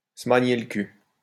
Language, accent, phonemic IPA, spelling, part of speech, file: French, France, /sə ma.ɲe l(ə) kyl/, se magner le cul, verb, LL-Q150 (fra)-se magner le cul.wav
- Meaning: to move one's ass, to haul ass, to get a move on (to hurry up)